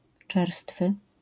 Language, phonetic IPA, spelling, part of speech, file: Polish, [ˈt͡ʃɛrstfɨ], czerstwy, adjective, LL-Q809 (pol)-czerstwy.wav